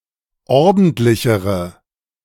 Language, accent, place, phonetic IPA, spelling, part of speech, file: German, Germany, Berlin, [ˈɔʁdn̩tlɪçəʁə], ordentlichere, adjective, De-ordentlichere.ogg
- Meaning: inflection of ordentlich: 1. strong/mixed nominative/accusative feminine singular comparative degree 2. strong nominative/accusative plural comparative degree